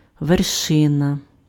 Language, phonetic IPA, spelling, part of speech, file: Ukrainian, [ʋerˈʃɪnɐ], вершина, noun, Uk-вершина.ogg
- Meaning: 1. peak, top, summit 2. acme, height 3. vertex, apex